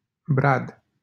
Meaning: 1. a village in Berești-Bistrița, Bacău County, Romania 2. a village in Filipeni, Bacău County, Romania 3. a village in Negri, Bacău County, Romania 4. a city in Hunedoara County, Romania
- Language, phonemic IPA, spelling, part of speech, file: Romanian, /brad/, Brad, proper noun, LL-Q7913 (ron)-Brad.wav